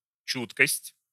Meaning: 1. sensitiveness, keenness 2. responsiveness, consideration
- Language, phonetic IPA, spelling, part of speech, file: Russian, [ˈt͡ɕutkəsʲtʲ], чуткость, noun, Ru-чуткость.ogg